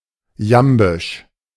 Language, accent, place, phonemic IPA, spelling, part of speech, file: German, Germany, Berlin, /ˈjambɪʃ/, jambisch, adjective, De-jambisch.ogg
- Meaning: iambic (consisting of iambs or characterized by their predominance)